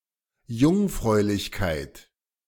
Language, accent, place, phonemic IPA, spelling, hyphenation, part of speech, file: German, Germany, Berlin, /ˈjʊŋfʁɔɪ̯lɪçkaɪ̯t/, Jungfräulichkeit, Jung‧fräu‧lich‧keit, noun, De-Jungfräulichkeit.ogg
- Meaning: virginity